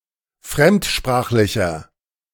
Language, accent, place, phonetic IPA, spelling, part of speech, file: German, Germany, Berlin, [ˈfʁɛmtˌʃpʁaːxlɪçɐ], fremdsprachlicher, adjective, De-fremdsprachlicher.ogg
- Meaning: inflection of fremdsprachlich: 1. strong/mixed nominative masculine singular 2. strong genitive/dative feminine singular 3. strong genitive plural